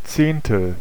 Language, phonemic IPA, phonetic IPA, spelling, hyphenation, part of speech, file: German, /ˈt͡seːnˌtəl/, [ˈt͡seːntl̩], Zehntel, Zehn‧tel, noun, De-Zehntel.ogg
- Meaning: tenth